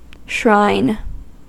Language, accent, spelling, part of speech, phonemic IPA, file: English, US, shrine, noun / verb, /ʃɹaɪ̯n/, En-us-shrine.ogg
- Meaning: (noun) A holy or sacred place dedicated to a specific deity, ancestor, hero, martyr, saint, or similar figure of awe and respect, at which said figure is venerated or worshipped